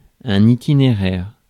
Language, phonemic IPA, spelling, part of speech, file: French, /i.ti.ne.ʁɛʁ/, itinéraire, noun, Fr-itinéraire.ogg
- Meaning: itinerary, route